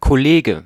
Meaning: 1. colleague, coworker, workmate, fellow worker or member 2. buddy, mate, homie (usually male, sense is rare in the feminine form)
- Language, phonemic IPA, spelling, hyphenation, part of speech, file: German, /kɔˈleːɡə/, Kollege, Kol‧le‧ge, noun, De-Kollege.ogg